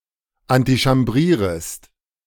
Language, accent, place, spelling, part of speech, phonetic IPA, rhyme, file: German, Germany, Berlin, antichambrierest, verb, [antiʃamˈbʁiːʁəst], -iːʁəst, De-antichambrierest.ogg
- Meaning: second-person singular subjunctive I of antichambrieren